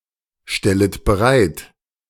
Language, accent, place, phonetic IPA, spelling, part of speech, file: German, Germany, Berlin, [ˌʃtɛlət bəˈʁaɪ̯t], stellet bereit, verb, De-stellet bereit.ogg
- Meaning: second-person plural subjunctive I of bereitstellen